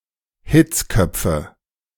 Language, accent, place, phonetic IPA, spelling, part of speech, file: German, Germany, Berlin, [ˈhɪt͡sˌkœp͡fə], Hitzköpfe, noun, De-Hitzköpfe.ogg
- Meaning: nominative/accusative/genitive plural of Hitzkopf